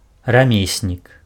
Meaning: artisan
- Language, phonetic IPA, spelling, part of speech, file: Belarusian, [raˈmʲesʲnʲik], рамеснік, noun, Be-рамеснік.ogg